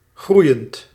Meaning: present participle of groeien
- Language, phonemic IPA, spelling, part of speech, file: Dutch, /ˈɣrujənt/, groeiend, verb / adjective, Nl-groeiend.ogg